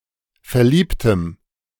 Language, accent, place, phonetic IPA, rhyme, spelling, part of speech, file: German, Germany, Berlin, [fɛɐ̯ˈliːptəm], -iːptəm, verliebtem, adjective, De-verliebtem.ogg
- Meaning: strong dative masculine/neuter singular of verliebt